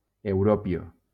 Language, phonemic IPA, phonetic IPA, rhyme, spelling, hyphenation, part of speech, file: Spanish, /euˈɾopjo/, [eu̯ˈɾo.pjo], -opjo, europio, eu‧ro‧pio, noun, LL-Q1321 (spa)-europio.wav
- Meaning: europium